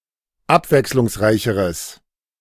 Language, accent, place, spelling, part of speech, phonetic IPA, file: German, Germany, Berlin, abwechslungsreicheres, adjective, [ˈapvɛkslʊŋsˌʁaɪ̯çəʁəs], De-abwechslungsreicheres.ogg
- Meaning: strong/mixed nominative/accusative neuter singular comparative degree of abwechslungsreich